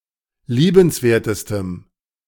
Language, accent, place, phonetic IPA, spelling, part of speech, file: German, Germany, Berlin, [ˈliːbənsˌveːɐ̯təstəm], liebenswertestem, adjective, De-liebenswertestem.ogg
- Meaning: strong dative masculine/neuter singular superlative degree of liebenswert